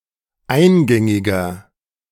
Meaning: 1. comparative degree of eingängig 2. inflection of eingängig: strong/mixed nominative masculine singular 3. inflection of eingängig: strong genitive/dative feminine singular
- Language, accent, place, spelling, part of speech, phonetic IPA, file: German, Germany, Berlin, eingängiger, adjective, [ˈaɪ̯nˌɡɛŋɪɡɐ], De-eingängiger.ogg